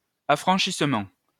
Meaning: 1. manumission (release from slavery or other legally sanctioned servitude; the giving of freedom) 2. franking, metering
- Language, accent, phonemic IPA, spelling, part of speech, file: French, France, /a.fʁɑ̃.ʃis.mɑ̃/, affranchissement, noun, LL-Q150 (fra)-affranchissement.wav